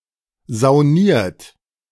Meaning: 1. past participle of saunieren 2. inflection of saunieren: third-person singular present 3. inflection of saunieren: second-person plural present 4. inflection of saunieren: plural imperative
- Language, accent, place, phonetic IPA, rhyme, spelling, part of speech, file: German, Germany, Berlin, [zaʊ̯ˈniːɐ̯t], -iːɐ̯t, sauniert, verb, De-sauniert.ogg